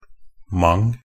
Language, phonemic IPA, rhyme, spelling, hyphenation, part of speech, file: Norwegian Bokmål, /maŋ/, -aŋ, -ment, -ment, suffix, Nb--ment2.ogg
- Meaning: Used to form nouns often denoting action, means or state; -ment